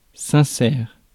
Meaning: sincere
- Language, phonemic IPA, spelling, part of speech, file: French, /sɛ̃.sɛʁ/, sincère, adjective, Fr-sincère.ogg